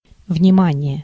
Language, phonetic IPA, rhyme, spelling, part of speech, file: Russian, [vnʲɪˈmanʲɪje], -anʲɪje, внимание, noun / interjection, Ru-внимание.ogg
- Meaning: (noun) 1. attention 2. care, heed 3. note, notice; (interjection) 1. attention! (also military) 2. warning!